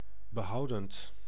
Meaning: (adjective) conservative; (verb) present participle of behouden
- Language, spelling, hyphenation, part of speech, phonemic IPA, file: Dutch, behoudend, be‧hou‧dend, adjective / verb, /bəˈɦɑu̯dənt/, Nl-behoudend.ogg